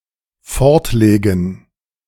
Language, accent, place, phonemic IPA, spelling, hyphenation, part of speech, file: German, Germany, Berlin, /ˈfɔʁtˌleːɡn̩/, fortlegen, fort‧le‧gen, verb, De-fortlegen.ogg
- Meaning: to put away